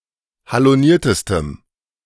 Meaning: strong dative masculine/neuter singular superlative degree of haloniert
- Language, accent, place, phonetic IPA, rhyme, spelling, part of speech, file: German, Germany, Berlin, [haloˈniːɐ̯təstəm], -iːɐ̯təstəm, haloniertestem, adjective, De-haloniertestem.ogg